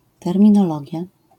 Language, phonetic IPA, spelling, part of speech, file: Polish, [ˌtɛrmʲĩnɔˈlɔɟja], terminologia, noun, LL-Q809 (pol)-terminologia.wav